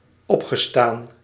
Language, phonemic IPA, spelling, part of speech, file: Dutch, /ˈɔpxəˌstan/, opgestaan, verb, Nl-opgestaan.ogg
- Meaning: past participle of opstaan